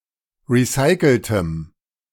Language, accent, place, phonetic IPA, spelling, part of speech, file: German, Germany, Berlin, [ˌʁiˈsaɪ̯kl̩təm], recyceltem, adjective, De-recyceltem.ogg
- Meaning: strong dative masculine/neuter singular of recycelt